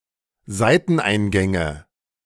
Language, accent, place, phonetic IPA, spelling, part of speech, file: German, Germany, Berlin, [ˈzaɪ̯tn̩ˌʔaɪ̯nɡɛŋə], Seiteneingänge, noun, De-Seiteneingänge.ogg
- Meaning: nominative/accusative/genitive plural of Seiteneingang